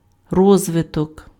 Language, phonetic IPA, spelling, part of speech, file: Ukrainian, [ˈrɔzʋetɔk], розвиток, noun, Uk-розвиток.ogg
- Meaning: development (process of developing)